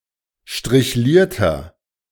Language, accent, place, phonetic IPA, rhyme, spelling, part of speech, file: German, Germany, Berlin, [ʃtʁɪçˈliːɐ̯tɐ], -iːɐ̯tɐ, strichlierter, adjective, De-strichlierter.ogg
- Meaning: inflection of strichliert: 1. strong/mixed nominative masculine singular 2. strong genitive/dative feminine singular 3. strong genitive plural